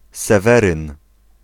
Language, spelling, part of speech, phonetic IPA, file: Polish, Seweryn, proper noun, [sɛˈvɛrɨ̃n], Pl-Seweryn.ogg